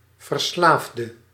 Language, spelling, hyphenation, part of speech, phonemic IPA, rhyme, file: Dutch, verslaafde, ver‧slaaf‧de, noun / adjective, /vərˈslaːf.də/, -aːfdə, Nl-verslaafde.ogg
- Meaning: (noun) an addict; in particular a drug addict; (adjective) inflection of verslaafd: 1. masculine/feminine singular attributive 2. definite neuter singular attributive 3. plural attributive